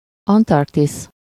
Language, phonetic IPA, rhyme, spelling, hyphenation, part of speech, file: Hungarian, [ˈɒntɒrktis], -is, Antarktisz, An‧tark‧tisz, proper noun, Hu-Antarktisz.ogg